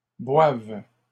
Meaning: second-person singular present subjunctive of boire
- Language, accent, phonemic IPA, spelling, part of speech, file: French, Canada, /bwav/, boives, verb, LL-Q150 (fra)-boives.wav